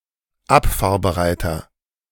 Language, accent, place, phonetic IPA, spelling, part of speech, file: German, Germany, Berlin, [ˈapfaːɐ̯bəˌʁaɪ̯tɐ], abfahrbereiter, adjective, De-abfahrbereiter.ogg
- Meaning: inflection of abfahrbereit: 1. strong/mixed nominative masculine singular 2. strong genitive/dative feminine singular 3. strong genitive plural